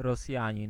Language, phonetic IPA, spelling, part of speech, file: Polish, [rɔˈsʲjä̃ɲĩn], Rosjanin, noun, Pl-Rosjanin.ogg